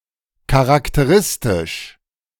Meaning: 1. characteristic 2. distinctive, typical
- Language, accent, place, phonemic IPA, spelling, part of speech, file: German, Germany, Berlin, /kaʁaktəˈʁɪstɪʃ/, charakteristisch, adjective, De-charakteristisch.ogg